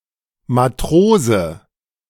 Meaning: seaman; sailor (of low rank) (male or of unspecified gender)
- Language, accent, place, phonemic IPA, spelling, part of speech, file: German, Germany, Berlin, /maˈtʁoːzə/, Matrose, noun, De-Matrose.ogg